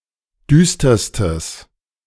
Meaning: strong/mixed nominative/accusative neuter singular superlative degree of düster
- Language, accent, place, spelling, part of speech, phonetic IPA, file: German, Germany, Berlin, düsterstes, adjective, [ˈdyːstɐstəs], De-düsterstes.ogg